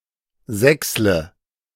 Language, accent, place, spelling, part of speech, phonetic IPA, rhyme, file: German, Germany, Berlin, sächsle, verb, [ˈzɛkslə], -ɛkslə, De-sächsle.ogg
- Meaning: inflection of sächseln: 1. first-person singular present 2. first/third-person singular subjunctive I 3. singular imperative